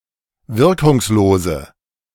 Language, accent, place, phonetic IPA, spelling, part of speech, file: German, Germany, Berlin, [ˈvɪʁkʊŋsˌloːzə], wirkungslose, adjective, De-wirkungslose.ogg
- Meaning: inflection of wirkungslos: 1. strong/mixed nominative/accusative feminine singular 2. strong nominative/accusative plural 3. weak nominative all-gender singular